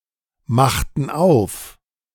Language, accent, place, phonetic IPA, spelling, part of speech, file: German, Germany, Berlin, [ˌmaxtn̩ ˈaʊ̯f], machten auf, verb, De-machten auf.ogg
- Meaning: inflection of aufmachen: 1. first/third-person plural preterite 2. first/third-person plural subjunctive II